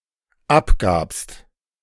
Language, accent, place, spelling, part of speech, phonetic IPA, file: German, Germany, Berlin, abgabst, verb, [ˈapˌɡaːpst], De-abgabst.ogg
- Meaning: second-person singular dependent preterite of abgeben